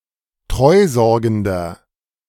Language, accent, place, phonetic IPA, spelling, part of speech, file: German, Germany, Berlin, [ˈtʁɔɪ̯ˌzɔʁɡn̩dɐ], treusorgender, adjective, De-treusorgender.ogg
- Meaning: inflection of treusorgend: 1. strong/mixed nominative masculine singular 2. strong genitive/dative feminine singular 3. strong genitive plural